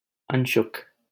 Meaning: 1. cloth 2. fine or white cloth, muslin 3. garment, upper garment 4. tie (for binding a churning-stick)
- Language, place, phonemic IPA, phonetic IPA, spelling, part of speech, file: Hindi, Delhi, /ən.ʃʊk/, [ɐ̃ɲ.ʃʊk], अंशुक, noun, LL-Q1568 (hin)-अंशुक.wav